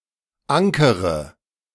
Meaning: inflection of ankern: 1. first-person singular present 2. first/third-person singular subjunctive I 3. singular imperative
- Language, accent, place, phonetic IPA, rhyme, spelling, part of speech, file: German, Germany, Berlin, [ˈaŋkəʁə], -aŋkəʁə, ankere, verb, De-ankere.ogg